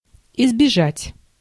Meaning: 1. to avoid, to refrain from 2. to keep off, to steer clear of, to shun, to evade, to elude 3. to escape
- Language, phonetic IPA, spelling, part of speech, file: Russian, [ɪzbʲɪˈʐatʲ], избежать, verb, Ru-избежать.ogg